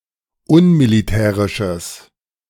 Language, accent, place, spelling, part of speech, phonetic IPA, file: German, Germany, Berlin, unmilitärisches, adjective, [ˈʊnmiliˌtɛːʁɪʃəs], De-unmilitärisches.ogg
- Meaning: strong/mixed nominative/accusative neuter singular of unmilitärisch